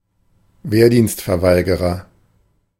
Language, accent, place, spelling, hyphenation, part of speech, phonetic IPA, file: German, Germany, Berlin, Wehrdienstverweigerer, Wehr‧dienst‧ver‧wei‧ge‧rer, noun, [ˈveːɐ̯diːnstfɛɐ̯ˌvaɪ̯ɡəʁɐ], De-Wehrdienstverweigerer.ogg
- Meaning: conscientious objector, conshie (male or of unspecified gender)